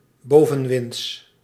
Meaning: windward
- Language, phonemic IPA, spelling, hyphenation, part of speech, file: Dutch, /ˈboː.və(n)ˌʋɪnts/, bovenwinds, bo‧ven‧winds, adjective, Nl-bovenwinds.ogg